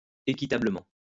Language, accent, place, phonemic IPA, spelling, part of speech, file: French, France, Lyon, /e.ki.ta.blə.mɑ̃/, équitablement, adverb, LL-Q150 (fra)-équitablement.wav
- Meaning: fairly; justly; rightly